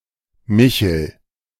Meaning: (proper noun) a male given name, variant of Michael
- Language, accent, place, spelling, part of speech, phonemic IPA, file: German, Germany, Berlin, Michel, proper noun / noun, /ˈmɪçəl/, De-Michel.ogg